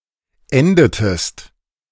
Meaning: inflection of enden: 1. second-person singular preterite 2. second-person singular subjunctive II
- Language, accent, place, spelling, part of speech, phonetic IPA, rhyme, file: German, Germany, Berlin, endetest, verb, [ˈɛndətəst], -ɛndətəst, De-endetest.ogg